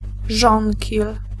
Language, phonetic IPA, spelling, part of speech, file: Polish, [ˈʒɔ̃ŋʲcil], żonkil, noun, Pl-żonkil.ogg